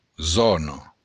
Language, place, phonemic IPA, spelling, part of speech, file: Occitan, Béarn, /ˈzɔno/, zòna, noun, LL-Q14185 (oci)-zòna.wav
- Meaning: zone, area